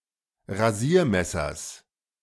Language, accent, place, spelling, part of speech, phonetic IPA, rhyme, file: German, Germany, Berlin, Rasiermessers, noun, [ʁaˈziːɐ̯ˌmɛsɐs], -iːɐ̯mɛsɐs, De-Rasiermessers.ogg
- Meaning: genitive singular of Rasiermesser